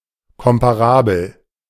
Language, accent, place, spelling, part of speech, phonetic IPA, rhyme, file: German, Germany, Berlin, komparabel, adjective, [ˌkɔmpaˈʁaːbl̩], -aːbl̩, De-komparabel.ogg
- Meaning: comparable